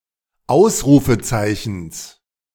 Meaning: genitive singular of Ausrufezeichen
- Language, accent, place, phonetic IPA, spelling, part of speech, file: German, Germany, Berlin, [ˈaʊ̯sʁuːfəˌt͡saɪ̯çn̩s], Ausrufezeichens, noun, De-Ausrufezeichens.ogg